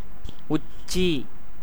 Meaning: 1. summit, peak 2. zenith, meridian
- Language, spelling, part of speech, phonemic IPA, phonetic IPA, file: Tamil, உச்சி, noun, /ʊtʃtʃiː/, [ʊssiː], Ta-உச்சி.ogg